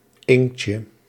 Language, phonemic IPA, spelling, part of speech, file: Dutch, /ˈɪŋkcə/, inktje, noun, Nl-inktje.ogg
- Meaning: diminutive of inkt